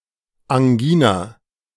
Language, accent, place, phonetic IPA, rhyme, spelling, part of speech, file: German, Germany, Berlin, [aŋˈɡiːna], -iːna, Angina, noun, De-Angina.ogg
- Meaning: angina